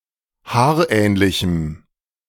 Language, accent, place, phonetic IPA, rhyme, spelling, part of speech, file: German, Germany, Berlin, [ˈhaːɐ̯ˌʔɛːnlɪçm̩], -aːɐ̯ʔɛːnlɪçm̩, haarähnlichem, adjective, De-haarähnlichem.ogg
- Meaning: strong dative masculine/neuter singular of haarähnlich